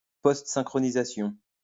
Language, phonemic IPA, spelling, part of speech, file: French, /sɛ̃.kʁɔ.ni.za.sjɔ̃/, synchronisation, noun, LL-Q150 (fra)-synchronisation.wav
- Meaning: synchronization